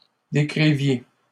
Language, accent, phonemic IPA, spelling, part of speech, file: French, Canada, /de.kʁi.vje/, décriviez, verb, LL-Q150 (fra)-décriviez.wav
- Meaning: inflection of décrire: 1. second-person plural imperfect indicative 2. second-person plural present subjunctive